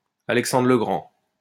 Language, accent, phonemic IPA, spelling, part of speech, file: French, France, /a.lɛk.sɑ̃.dʁə lə ɡʁɑ̃/, Alexandre le Grand, proper noun, LL-Q150 (fra)-Alexandre le Grand.wav
- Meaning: Alexander the Great